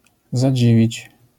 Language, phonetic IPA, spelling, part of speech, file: Polish, [zaˈd͡ʑivʲit͡ɕ], zadziwić, verb, LL-Q809 (pol)-zadziwić.wav